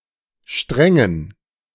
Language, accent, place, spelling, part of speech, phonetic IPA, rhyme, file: German, Germany, Berlin, Strängen, noun, [ˈʃtʁɛŋən], -ɛŋən, De-Strängen.ogg
- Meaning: dative plural of Strang